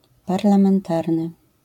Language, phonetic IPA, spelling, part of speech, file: Polish, [ˌparlãmɛ̃nˈtarnɨ], parlamentarny, adjective, LL-Q809 (pol)-parlamentarny.wav